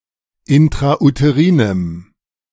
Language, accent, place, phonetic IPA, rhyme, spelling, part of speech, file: German, Germany, Berlin, [ɪntʁaʔuteˈʁiːnəm], -iːnəm, intrauterinem, adjective, De-intrauterinem.ogg
- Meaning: strong dative masculine/neuter singular of intrauterin